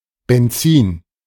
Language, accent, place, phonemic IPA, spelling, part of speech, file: German, Germany, Berlin, /bɛnˈt͡siːn/, Benzin, noun, De-Benzin.ogg
- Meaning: gasoline